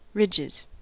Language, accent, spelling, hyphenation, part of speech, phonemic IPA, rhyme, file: English, US, ridges, ridges, noun / verb, /ˈɹɪd͡ʒɪz/, -ɪdʒɪz, En-us-ridges.ogg
- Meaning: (noun) plural of ridge; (verb) third-person singular simple present indicative of ridge